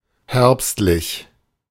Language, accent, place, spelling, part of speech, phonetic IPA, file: German, Germany, Berlin, herbstlich, adjective, [ˈhɛʁpstlɪç], De-herbstlich.ogg
- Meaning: autumn, autumnal